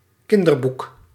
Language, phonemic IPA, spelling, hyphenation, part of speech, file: Dutch, /ˈkɪn.dərˌbuk/, kinderboek, kin‧der‧boek, noun, Nl-kinderboek.ogg
- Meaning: children's book